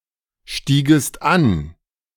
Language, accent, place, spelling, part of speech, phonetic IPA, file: German, Germany, Berlin, stiegest an, verb, [ˌʃtiːɡəst ˈan], De-stiegest an.ogg
- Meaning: second-person singular subjunctive II of ansteigen